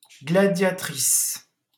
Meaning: female equivalent of gladiateur: gladiatrix, gladiatress, female gladiator
- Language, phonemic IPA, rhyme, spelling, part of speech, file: French, /ɡla.dja.tʁis/, -is, gladiatrice, noun, LL-Q150 (fra)-gladiatrice.wav